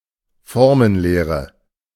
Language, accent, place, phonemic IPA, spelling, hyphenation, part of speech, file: German, Germany, Berlin, /ˈfɔʁmənˌleːʁə/, Formenlehre, For‧men‧leh‧re, noun, De-Formenlehre.ogg
- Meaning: morphology